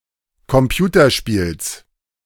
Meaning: genitive singular of Computerspiel
- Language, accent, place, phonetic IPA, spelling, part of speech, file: German, Germany, Berlin, [kɔmˈpjuːtɐˌʃpiːls], Computerspiels, noun, De-Computerspiels.ogg